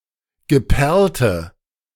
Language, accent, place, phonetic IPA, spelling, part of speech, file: German, Germany, Berlin, [ɡəˈpɛʁltə], geperlte, adjective, De-geperlte.ogg
- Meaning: inflection of geperlt: 1. strong/mixed nominative/accusative feminine singular 2. strong nominative/accusative plural 3. weak nominative all-gender singular 4. weak accusative feminine/neuter singular